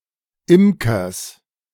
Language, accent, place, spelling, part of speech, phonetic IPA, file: German, Germany, Berlin, Imkers, noun, [ˈɪmkɐs], De-Imkers.ogg
- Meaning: genitive singular of Imker